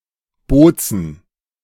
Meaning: Bolzano (a city and comune, the capital of the province of South Tyrol, Trentino-Alto Adige, Italy)
- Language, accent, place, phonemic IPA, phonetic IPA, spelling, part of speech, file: German, Germany, Berlin, /ˈboːtsən/, [ˈboː.t͡sn̩], Bozen, proper noun, De-Bozen.ogg